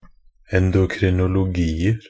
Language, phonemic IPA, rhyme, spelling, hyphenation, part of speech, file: Norwegian Bokmål, /ɛndʊkrɪnʊlʊˈɡiːər/, -iːər, endokrinologier, en‧do‧kri‧no‧lo‧gi‧er, noun, Nb-endokrinologier.ogg
- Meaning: indefinite plural of endokrinologi